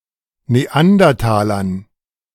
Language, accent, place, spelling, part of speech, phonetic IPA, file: German, Germany, Berlin, Neandertalern, noun, [neˈandɐtaːlɐn], De-Neandertalern.ogg
- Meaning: dative plural of Neandertaler